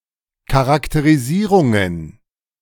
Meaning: plural of Charakterisierung
- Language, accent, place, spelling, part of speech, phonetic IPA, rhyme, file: German, Germany, Berlin, Charakterisierungen, noun, [ˌkaʁakteʁiˈziːʁʊŋən], -iːʁʊŋən, De-Charakterisierungen.ogg